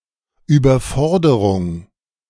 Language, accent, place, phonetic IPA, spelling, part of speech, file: German, Germany, Berlin, [ˌyːbɐˈfɔʁdəʁʊŋ], Überforderung, noun, De-Überforderung.ogg
- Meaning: 1. overexertion 2. excessive demand, excessive demands 3. excessive challenge